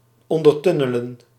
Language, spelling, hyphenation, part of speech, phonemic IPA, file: Dutch, ondertunnelen, on‧der‧tun‧ne‧len, verb, /ˌɔn.dərˈtʏ.nə.lə(n)/, Nl-ondertunnelen.ogg
- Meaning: to build a tunnel underneath